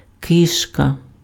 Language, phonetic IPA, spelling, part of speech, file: Ukrainian, [ˈkɪʃkɐ], кишка, noun, Uk-кишка.ogg
- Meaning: gut, intestine, bowel